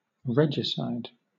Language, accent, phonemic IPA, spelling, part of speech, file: English, Southern England, /ˈɹɛ.d͡ʒə.saɪd/, regicide, noun, LL-Q1860 (eng)-regicide.wav
- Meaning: 1. The killing of a king 2. One who kills a king